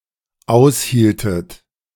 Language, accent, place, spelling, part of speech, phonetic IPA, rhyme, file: German, Germany, Berlin, aushieltet, verb, [ˈaʊ̯sˌhiːltət], -aʊ̯shiːltət, De-aushieltet.ogg
- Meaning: inflection of aushalten: 1. second-person plural dependent preterite 2. second-person plural dependent subjunctive II